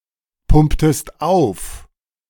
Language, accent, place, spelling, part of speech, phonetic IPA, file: German, Germany, Berlin, pumptest auf, verb, [ˌpʊmptəst ˈaʊ̯f], De-pumptest auf.ogg
- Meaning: inflection of aufpumpen: 1. second-person singular preterite 2. second-person singular subjunctive II